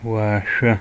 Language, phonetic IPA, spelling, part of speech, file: Adyghe, [waːʃʷa], уашъо, noun, Waːʃʷa.ogg
- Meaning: sky